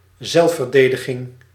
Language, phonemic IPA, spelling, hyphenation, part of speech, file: Dutch, /ˈzɛlf.vərˌdeː.də.ɣɪŋ/, zelfverdediging, zelf‧ver‧de‧di‧ging, noun, Nl-zelfverdediging.ogg
- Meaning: self-defense (US), self-defence (Commonwealth)